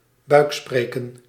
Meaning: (noun) ventriloquism; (verb) to ventriloquise
- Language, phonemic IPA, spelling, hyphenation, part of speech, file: Dutch, /ˈbœy̯kˌspreː.kə(n)/, buikspreken, buik‧spre‧ken, noun / verb, Nl-buikspreken.ogg